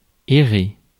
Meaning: to wander, to wander about
- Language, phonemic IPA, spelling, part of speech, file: French, /e.ʁe/, errer, verb, Fr-errer.ogg